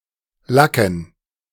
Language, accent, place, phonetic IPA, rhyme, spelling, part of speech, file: German, Germany, Berlin, [ˈlakn̩], -akn̩, Lacken, noun, De-Lacken.ogg
- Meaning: 1. dative plural of Lack 2. plural of Lacke